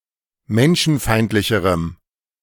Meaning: strong dative masculine/neuter singular comparative degree of menschenfeindlich
- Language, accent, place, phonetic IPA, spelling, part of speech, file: German, Germany, Berlin, [ˈmɛnʃn̩ˌfaɪ̯ntlɪçəʁəm], menschenfeindlicherem, adjective, De-menschenfeindlicherem.ogg